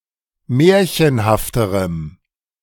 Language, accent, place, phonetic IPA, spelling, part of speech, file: German, Germany, Berlin, [ˈmɛːɐ̯çənhaftəʁəm], märchenhafterem, adjective, De-märchenhafterem.ogg
- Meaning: strong dative masculine/neuter singular comparative degree of märchenhaft